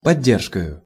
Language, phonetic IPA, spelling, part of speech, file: Russian, [pɐˈdʲːerʂkəjʊ], поддержкою, noun, Ru-поддержкою.ogg
- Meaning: instrumental singular of подде́ржка (poddéržka)